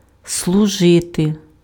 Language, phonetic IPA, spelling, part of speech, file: Ukrainian, [sɫʊˈʒɪte], служити, verb, Uk-служити.ogg
- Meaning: to serve